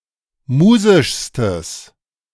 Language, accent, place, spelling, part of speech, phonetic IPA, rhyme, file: German, Germany, Berlin, musischstes, adjective, [ˈmuːzɪʃstəs], -uːzɪʃstəs, De-musischstes.ogg
- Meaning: strong/mixed nominative/accusative neuter singular superlative degree of musisch